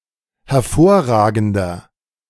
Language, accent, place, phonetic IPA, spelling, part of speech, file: German, Germany, Berlin, [hɛɐ̯ˈfoːɐ̯ˌʁaːɡn̩dɐ], hervorragender, adjective, De-hervorragender.ogg
- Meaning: 1. comparative degree of hervorragend 2. inflection of hervorragend: strong/mixed nominative masculine singular 3. inflection of hervorragend: strong genitive/dative feminine singular